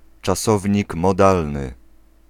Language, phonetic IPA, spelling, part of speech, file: Polish, [t͡ʃaˈsɔvʲɲik mɔˈdalnɨ], czasownik modalny, noun, Pl-czasownik modalny.ogg